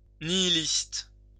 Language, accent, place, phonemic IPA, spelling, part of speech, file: French, France, Lyon, /ni.i.list/, nihiliste, adjective / noun, LL-Q150 (fra)-nihiliste.wav
- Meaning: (adjective) nihilist